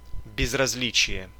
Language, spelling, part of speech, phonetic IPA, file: Russian, безразличие, noun, [bʲɪzrɐz⁽ʲ⁾ˈlʲit͡ɕɪje], Ru-безразличие.ogg
- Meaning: 1. indifference, nonchalance 2. invariance